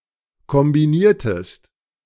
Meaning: inflection of kombinieren: 1. second-person singular preterite 2. second-person singular subjunctive II
- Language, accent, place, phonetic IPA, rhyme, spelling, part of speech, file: German, Germany, Berlin, [kɔmbiˈniːɐ̯təst], -iːɐ̯təst, kombiniertest, verb, De-kombiniertest.ogg